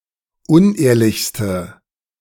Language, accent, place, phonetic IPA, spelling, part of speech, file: German, Germany, Berlin, [ˈʊnˌʔeːɐ̯lɪçstə], unehrlichste, adjective, De-unehrlichste.ogg
- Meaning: inflection of unehrlich: 1. strong/mixed nominative/accusative feminine singular superlative degree 2. strong nominative/accusative plural superlative degree